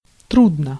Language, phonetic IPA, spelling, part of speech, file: Russian, [ˈtrudnə], трудно, adverb / adjective, Ru-трудно.ogg
- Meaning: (adverb) with difficulty; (adjective) 1. it is difficult, hard 2. it/one is heavy 3. short neuter singular of тру́дный (trúdnyj)